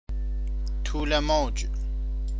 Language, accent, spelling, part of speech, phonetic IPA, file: Persian, Iran, طول موج, noun, [t̪ʰuː.le mowd͡ʒ̥], Fa-طول موج.ogg
- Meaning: wavelength